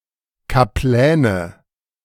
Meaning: nominative/accusative/genitive plural of Kaplan
- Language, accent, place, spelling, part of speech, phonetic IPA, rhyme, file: German, Germany, Berlin, Kapläne, noun, [kaˈplɛːnə], -ɛːnə, De-Kapläne.ogg